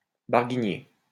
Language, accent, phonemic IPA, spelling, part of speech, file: French, France, /baʁ.ɡi.ɲe/, barguigner, verb, LL-Q150 (fra)-barguigner.wav
- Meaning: 1. to hesitate, being unable to make a decision 2. to bargain, to haggle